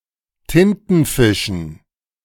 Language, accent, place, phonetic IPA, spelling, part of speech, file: German, Germany, Berlin, [ˈtɪntn̩ˌfɪʃn̩], Tintenfischen, noun, De-Tintenfischen.ogg
- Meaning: dative plural of Tintenfisch